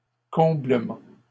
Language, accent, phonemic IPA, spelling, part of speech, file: French, Canada, /kɔ̃.blə.mɑ̃/, comblement, noun, LL-Q150 (fra)-comblement.wav
- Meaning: fulfilment, satisfaction